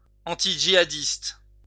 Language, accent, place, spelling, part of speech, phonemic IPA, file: French, France, Lyon, antidjihadiste, adjective, /ɑ̃.ti.dʒi.a.dist/, LL-Q150 (fra)-antidjihadiste.wav
- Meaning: anti-jihadist